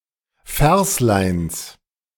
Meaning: genitive singular of Verslein
- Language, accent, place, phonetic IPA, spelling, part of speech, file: German, Germany, Berlin, [ˈfɛʁslaɪ̯ns], Versleins, noun, De-Versleins.ogg